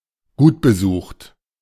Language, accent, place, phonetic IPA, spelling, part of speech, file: German, Germany, Berlin, [ˈɡuːtbəˌzuːxt], gutbesucht, adjective, De-gutbesucht.ogg
- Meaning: well-attended, well-frequented or visited